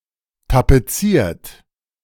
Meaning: 1. past participle of tapezieren 2. inflection of tapezieren: third-person singular present 3. inflection of tapezieren: second-person plural present 4. inflection of tapezieren: plural imperative
- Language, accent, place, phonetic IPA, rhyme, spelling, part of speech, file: German, Germany, Berlin, [tapeˈt͡siːɐ̯t], -iːɐ̯t, tapeziert, verb, De-tapeziert.ogg